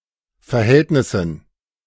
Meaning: dative plural of Verhältnis
- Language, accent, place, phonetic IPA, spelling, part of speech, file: German, Germany, Berlin, [fɛɐ̯ˈhɛltnɪsn̩], Verhältnissen, noun, De-Verhältnissen.ogg